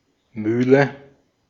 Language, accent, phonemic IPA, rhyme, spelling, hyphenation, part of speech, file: German, Austria, /ˈmyːlə/, -yːlə, Mühle, Müh‧le, noun, De-at-Mühle.ogg
- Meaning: 1. mill, grinder (tool or apparatus for grinding) 2. mill (building where such an apparatus is used) 3. nine men's morris 4. old banger (old, rickety vehicle)